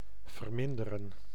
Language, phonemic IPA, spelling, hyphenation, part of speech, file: Dutch, /vərˈmɪn.də.rə(n)/, verminderen, ver‧min‧de‧ren, verb, Nl-verminderen.ogg
- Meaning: 1. to diminish, to decrease 2. to lower, to decrease, to reduce, to decrement